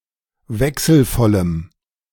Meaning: strong dative masculine/neuter singular of wechselvoll
- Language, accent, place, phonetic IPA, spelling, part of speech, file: German, Germany, Berlin, [ˈvɛksl̩ˌfɔləm], wechselvollem, adjective, De-wechselvollem.ogg